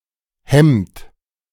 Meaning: inflection of hemmen: 1. third-person singular present 2. second-person plural present 3. plural imperative
- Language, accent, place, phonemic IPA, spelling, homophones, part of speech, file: German, Germany, Berlin, /hɛmt/, hemmt, Hemd, verb, De-hemmt.ogg